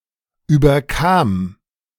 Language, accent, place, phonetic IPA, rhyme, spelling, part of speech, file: German, Germany, Berlin, [ˌyːbɐˈkaːm], -aːm, überkam, verb, De-überkam.ogg
- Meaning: first/third-person singular preterite of überkommen